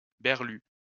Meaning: disturbance of vision, distorted view
- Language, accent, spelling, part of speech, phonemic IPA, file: French, France, berlue, noun, /bɛʁ.ly/, LL-Q150 (fra)-berlue.wav